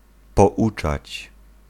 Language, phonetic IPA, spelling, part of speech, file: Polish, [pɔˈʷut͡ʃat͡ɕ], pouczać, verb, Pl-pouczać.ogg